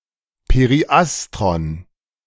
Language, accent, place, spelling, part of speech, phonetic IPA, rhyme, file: German, Germany, Berlin, Periastron, noun, [peʁiˈʔastʁɔn], -astʁɔn, De-Periastron.ogg
- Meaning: periastron